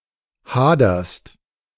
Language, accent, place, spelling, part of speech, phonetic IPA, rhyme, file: German, Germany, Berlin, haderst, verb, [ˈhaːdɐst], -aːdɐst, De-haderst.ogg
- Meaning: second-person singular present of hadern